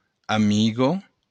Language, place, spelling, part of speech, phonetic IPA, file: Occitan, Béarn, amiga, noun, [aˈmiɣo], LL-Q14185 (oci)-amiga.wav
- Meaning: female equivalent of amic